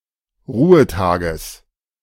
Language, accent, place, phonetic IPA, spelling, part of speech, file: German, Germany, Berlin, [ˈʁuːəˌtaːɡəs], Ruhetages, noun, De-Ruhetages.ogg
- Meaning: genitive singular of Ruhetag